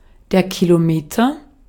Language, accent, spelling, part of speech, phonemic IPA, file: German, Austria, Kilometer, noun, /kiloˈmeːtɐ/, De-at-Kilometer.ogg
- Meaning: kilometer (unit of measure)